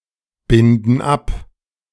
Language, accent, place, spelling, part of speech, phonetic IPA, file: German, Germany, Berlin, binden ab, verb, [ˌbɪndn̩ ˈap], De-binden ab.ogg
- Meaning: inflection of abbinden: 1. first/third-person plural present 2. first/third-person plural subjunctive I